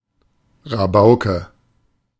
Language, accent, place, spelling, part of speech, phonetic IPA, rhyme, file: German, Germany, Berlin, Rabauke, noun, [ʁaˈbaʊ̯kə], -aʊ̯kə, De-Rabauke.ogg
- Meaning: rascal